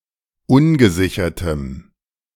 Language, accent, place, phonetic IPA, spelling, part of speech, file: German, Germany, Berlin, [ˈʊnɡəˌzɪçɐtəm], ungesichertem, adjective, De-ungesichertem.ogg
- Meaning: strong dative masculine/neuter singular of ungesichert